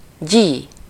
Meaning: gee up, giddyup (an instruction for a horse to start moving)
- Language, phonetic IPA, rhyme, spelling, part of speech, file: Hungarian, [ˈɟiː], -ɟiː, gyí, interjection, Hu-gyí.ogg